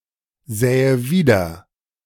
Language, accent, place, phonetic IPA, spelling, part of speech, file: German, Germany, Berlin, [ˌzɛːə ˈviːdɐ], sähe wieder, verb, De-sähe wieder.ogg
- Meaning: first/third-person singular subjunctive II of wiedersehen